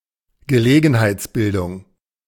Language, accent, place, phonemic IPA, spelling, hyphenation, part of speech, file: German, Germany, Berlin, /ɡəˈleːɡn̩haɪ̯t͡sˌbɪldʊŋ/, Gelegenheitsbildung, Ge‧le‧gen‧heits‧bil‧dung, noun, De-Gelegenheitsbildung.ogg
- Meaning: nonce word, ad-hoc formation